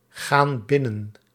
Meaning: inflection of binnengaan: 1. plural present indicative 2. plural present subjunctive
- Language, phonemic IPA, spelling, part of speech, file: Dutch, /ˈɣan ˈbɪnən/, gaan binnen, verb, Nl-gaan binnen.ogg